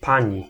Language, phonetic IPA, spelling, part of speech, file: Polish, [ˈpãɲi], pani, noun / pronoun, Pl-pani.ogg